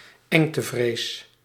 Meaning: claustrophobia
- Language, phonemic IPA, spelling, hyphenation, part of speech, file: Dutch, /ˈɛŋ.təˌvreːs/, engtevrees, eng‧te‧vrees, noun, Nl-engtevrees.ogg